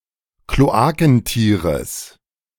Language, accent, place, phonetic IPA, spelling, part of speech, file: German, Germany, Berlin, [kloˈaːkn̩ˌtiːʁəs], Kloakentieres, noun, De-Kloakentieres.ogg
- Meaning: genitive singular of Kloakentier